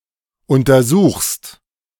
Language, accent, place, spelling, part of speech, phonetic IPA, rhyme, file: German, Germany, Berlin, untersuchst, verb, [ˌʊntɐˈzuːxst], -uːxst, De-untersuchst.ogg
- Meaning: second-person singular present of untersuchen